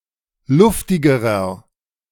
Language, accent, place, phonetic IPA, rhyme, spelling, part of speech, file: German, Germany, Berlin, [ˈlʊftɪɡəʁɐ], -ʊftɪɡəʁɐ, luftigerer, adjective, De-luftigerer.ogg
- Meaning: inflection of luftig: 1. strong/mixed nominative masculine singular comparative degree 2. strong genitive/dative feminine singular comparative degree 3. strong genitive plural comparative degree